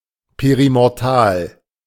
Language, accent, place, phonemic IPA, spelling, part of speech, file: German, Germany, Berlin, /ˌpeʁimɔʁˈtaːl/, perimortal, adjective, De-perimortal.ogg
- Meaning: perimortal